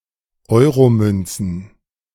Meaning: plural of Euromünze
- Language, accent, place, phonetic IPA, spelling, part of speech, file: German, Germany, Berlin, [ˈɔɪ̯ʁoˌmʏnt͡sn̩], Euromünzen, noun, De-Euromünzen.ogg